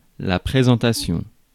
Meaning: 1. the act of presenting 2. introduction 3. presentation 4. appearance, layout
- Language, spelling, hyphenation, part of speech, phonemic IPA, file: French, présentation, pré‧sen‧ta‧tion, noun, /pʁe.zɑ̃.ta.sjɔ̃/, Fr-présentation.ogg